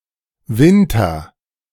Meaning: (noun) winter; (proper noun) a surname
- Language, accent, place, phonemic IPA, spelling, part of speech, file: German, Germany, Berlin, /ˈvɪntɐ/, Winter, noun / proper noun, De-Winter2.ogg